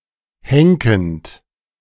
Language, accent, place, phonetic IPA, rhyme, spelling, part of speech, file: German, Germany, Berlin, [ˈhɛŋkn̩t], -ɛŋkn̩t, henkend, verb, De-henkend.ogg
- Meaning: present participle of henken